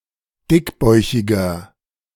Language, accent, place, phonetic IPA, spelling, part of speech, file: German, Germany, Berlin, [ˈdɪkˌbɔɪ̯çɪɡɐ], dickbäuchiger, adjective, De-dickbäuchiger.ogg
- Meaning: 1. comparative degree of dickbäuchig 2. inflection of dickbäuchig: strong/mixed nominative masculine singular 3. inflection of dickbäuchig: strong genitive/dative feminine singular